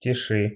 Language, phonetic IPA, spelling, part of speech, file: Russian, [tʲɪˈʂɨ], теши, verb, Ru-теши.ogg
- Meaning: second-person singular imperative imperfective of теса́ть (tesátʹ)